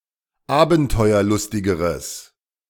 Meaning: strong/mixed nominative/accusative neuter singular comparative degree of abenteuerlustig
- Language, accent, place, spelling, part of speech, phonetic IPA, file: German, Germany, Berlin, abenteuerlustigeres, adjective, [ˈaːbn̩tɔɪ̯ɐˌlʊstɪɡəʁəs], De-abenteuerlustigeres.ogg